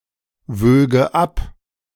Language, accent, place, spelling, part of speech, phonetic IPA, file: German, Germany, Berlin, wöge ab, verb, [ˌvøːɡə ˈap], De-wöge ab.ogg
- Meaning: first/third-person singular subjunctive II of abwiegen